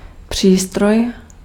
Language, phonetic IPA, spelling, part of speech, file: Czech, [ˈpr̝̊iːstroj], přístroj, noun, Cs-přístroj.ogg
- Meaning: instrument (measuring one)